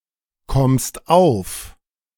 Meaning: second-person singular present of aufkommen
- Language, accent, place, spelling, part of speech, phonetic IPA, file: German, Germany, Berlin, kommst auf, verb, [ˌkɔmst ˈaʊ̯f], De-kommst auf.ogg